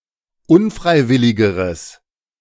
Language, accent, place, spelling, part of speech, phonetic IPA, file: German, Germany, Berlin, unfreiwilligeres, adjective, [ˈʊnˌfʁaɪ̯ˌvɪlɪɡəʁəs], De-unfreiwilligeres.ogg
- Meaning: strong/mixed nominative/accusative neuter singular comparative degree of unfreiwillig